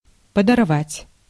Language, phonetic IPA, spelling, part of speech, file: Russian, [pədɐrˈvatʲ], подорвать, verb, Ru-подорвать.ogg
- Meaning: 1. to blow up, to blast 2. to undermine, to sap